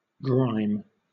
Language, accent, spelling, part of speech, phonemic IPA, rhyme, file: English, Southern England, grime, noun / verb, /ɡɹaɪm/, -aɪm, LL-Q1860 (eng)-grime.wav
- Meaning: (noun) Dirt, grease, soot, etc. that is ingrained and difficult to remove